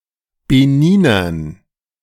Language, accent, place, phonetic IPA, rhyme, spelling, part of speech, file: German, Germany, Berlin, [beˈniːnɐn], -iːnɐn, Beninern, noun, De-Beninern.ogg
- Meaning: dative plural of Beniner